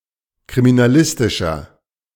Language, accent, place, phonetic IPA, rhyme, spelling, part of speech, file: German, Germany, Berlin, [kʁiminaˈlɪstɪʃɐ], -ɪstɪʃɐ, kriminalistischer, adjective, De-kriminalistischer.ogg
- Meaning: inflection of kriminalistisch: 1. strong/mixed nominative masculine singular 2. strong genitive/dative feminine singular 3. strong genitive plural